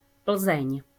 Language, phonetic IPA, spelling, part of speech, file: Czech, [ˈpl̩zɛɲ], Plzeň, proper noun, Cs Plzeň.ogg
- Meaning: Pilsen (a city in the Czech Republic)